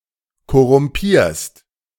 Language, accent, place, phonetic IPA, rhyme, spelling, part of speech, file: German, Germany, Berlin, [kɔʁʊmˈpiːɐ̯st], -iːɐ̯st, korrumpierst, verb, De-korrumpierst.ogg
- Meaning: second-person singular present of korrumpieren